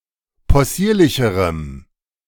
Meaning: strong dative masculine/neuter singular comparative degree of possierlich
- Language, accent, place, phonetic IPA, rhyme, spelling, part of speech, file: German, Germany, Berlin, [pɔˈsiːɐ̯lɪçəʁəm], -iːɐ̯lɪçəʁəm, possierlicherem, adjective, De-possierlicherem.ogg